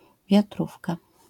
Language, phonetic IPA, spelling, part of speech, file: Polish, [vʲjaˈtrufka], wiatrówka, noun, LL-Q809 (pol)-wiatrówka.wav